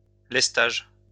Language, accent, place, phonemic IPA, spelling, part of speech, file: French, France, Lyon, /lɛs.taʒ/, lestage, noun, LL-Q150 (fra)-lestage.wav
- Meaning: ballasting